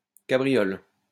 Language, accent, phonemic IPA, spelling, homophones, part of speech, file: French, France, /ka.bʁi.jɔl/, cabriole, cabriolent / cabrioles, noun / verb, LL-Q150 (fra)-cabriole.wav
- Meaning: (noun) 1. capriole (jump) 2. capriole; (verb) inflection of cabrioler: 1. first/third-person singular present indicative/subjunctive 2. second-person singular imperative